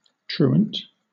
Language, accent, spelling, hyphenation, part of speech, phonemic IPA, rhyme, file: English, Southern England, truant, tru‧ant, adjective / noun / verb, /ˈtɹuːənt/, -uːənt, LL-Q1860 (eng)-truant.wav
- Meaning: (adjective) 1. Shirking or wandering from business or duty; straying; hence, idle; loitering 2. Of a student: absent from school without permission